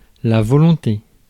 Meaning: wish, will
- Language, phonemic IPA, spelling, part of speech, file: French, /vɔ.lɔ̃.te/, volonté, noun, Fr-volonté.ogg